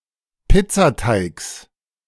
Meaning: genitive singular of Pizzateig
- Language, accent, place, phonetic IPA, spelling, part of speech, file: German, Germany, Berlin, [ˈpɪt͡saˌtaɪ̯ks], Pizzateigs, noun, De-Pizzateigs.ogg